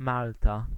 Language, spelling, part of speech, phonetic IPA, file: Polish, Malta, proper noun, [ˈmalta], Pl-Malta.ogg